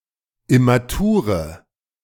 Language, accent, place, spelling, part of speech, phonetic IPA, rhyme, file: German, Germany, Berlin, immature, adjective, [ɪmaˈtuːʁə], -uːʁə, De-immature.ogg
- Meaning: inflection of immatur: 1. strong/mixed nominative/accusative feminine singular 2. strong nominative/accusative plural 3. weak nominative all-gender singular 4. weak accusative feminine/neuter singular